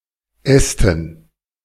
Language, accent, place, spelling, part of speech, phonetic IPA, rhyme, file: German, Germany, Berlin, Ästen, noun, [ˈɛstn̩], -ɛstn̩, De-Ästen.ogg
- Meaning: dative plural of Ast